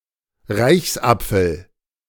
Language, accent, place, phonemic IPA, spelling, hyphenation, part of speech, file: German, Germany, Berlin, /ˈʁaɪ̯çsˌʔap͡fl̩/, Reichsapfel, Reichs‧ap‧fel, noun, De-Reichsapfel.ogg
- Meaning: globus cruciger